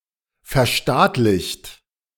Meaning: 1. past participle of verstaatlichen 2. inflection of verstaatlichen: second-person plural present 3. inflection of verstaatlichen: third-person singular present
- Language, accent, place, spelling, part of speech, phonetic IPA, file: German, Germany, Berlin, verstaatlicht, verb, [fɛɐ̯ˈʃtaːtlɪçt], De-verstaatlicht.ogg